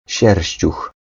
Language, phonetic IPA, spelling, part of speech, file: Polish, [ˈɕɛrʲɕt͡ɕux], sierściuch, noun, Pl-sierściuch.ogg